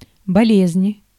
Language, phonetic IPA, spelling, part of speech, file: Russian, [bɐˈlʲezʲ(ɪ)nʲ], болезнь, noun, Ru-болезнь.ogg
- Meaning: 1. disease, sickness, illness 2. abnormality